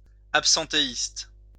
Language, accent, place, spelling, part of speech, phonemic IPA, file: French, France, Lyon, absentéiste, adjective, /ap.sɑ̃.te.ist/, LL-Q150 (fra)-absentéiste.wav
- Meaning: absentee